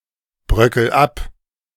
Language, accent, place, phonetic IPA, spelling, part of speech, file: German, Germany, Berlin, [ˌbʁœkl̩ ˈap], bröckel ab, verb, De-bröckel ab.ogg
- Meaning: inflection of abbröckeln: 1. first-person singular present 2. singular imperative